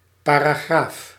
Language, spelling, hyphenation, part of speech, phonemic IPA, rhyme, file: Dutch, paragraaf, pa‧ra‧graaf, noun, /ˌpaː.raːˈɣraːf/, -aːf, Nl-paragraaf.ogg
- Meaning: section, a subdivision of a chapter, usually consisting of multiple paragraphs